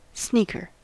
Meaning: 1. One who sneaks 2. An athletic shoe with a soft, rubber sole. A trainer 3. A vessel of drink 4. A large cup (or small basin) with a saucer and cover 5. A sneaker male
- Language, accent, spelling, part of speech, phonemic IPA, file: English, US, sneaker, noun, /ˈsnikɚ/, En-us-sneaker.ogg